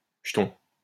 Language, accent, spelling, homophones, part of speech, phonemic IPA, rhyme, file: French, France, jeton, jetons, noun, /ʒə.tɔ̃/, -ɔ̃, LL-Q150 (fra)-jeton.wav
- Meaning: 1. a game chip or token, a counter 2. a coin 3. a Scrabble tile